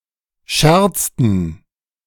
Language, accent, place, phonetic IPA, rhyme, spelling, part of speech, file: German, Germany, Berlin, [ˈʃɛʁt͡stn̩], -ɛʁt͡stn̩, scherzten, verb, De-scherzten.ogg
- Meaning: inflection of scherzen: 1. first/third-person plural preterite 2. first/third-person plural subjunctive II